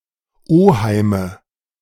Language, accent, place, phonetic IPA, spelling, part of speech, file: German, Germany, Berlin, [ˈoːhaɪ̯mə], Oheime, noun, De-Oheime.ogg
- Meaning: nominative/accusative/genitive plural of Oheim